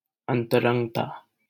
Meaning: intimacy
- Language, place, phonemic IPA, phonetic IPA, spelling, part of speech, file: Hindi, Delhi, /ən.t̪ə.ɾəŋɡ.t̪ɑː/, [ɐ̃n̪.t̪ɐ.ɾɐ̃ŋɡ.t̪äː], अंतरंगता, noun, LL-Q1568 (hin)-अंतरंगता.wav